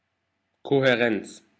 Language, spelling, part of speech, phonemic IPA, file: German, Kohärenz, noun, /ˌkohɛˈʁɛnt͡s/, De-Kohärenz.ogg
- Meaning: coherence